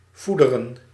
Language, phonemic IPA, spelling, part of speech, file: Dutch, /vudərə(n)/, voederen, verb, Nl-voederen.ogg
- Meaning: to feed